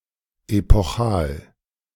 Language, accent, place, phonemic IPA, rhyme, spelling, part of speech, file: German, Germany, Berlin, /epɔˈχaːl/, -aːl, epochal, adjective, De-epochal.ogg
- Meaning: epochal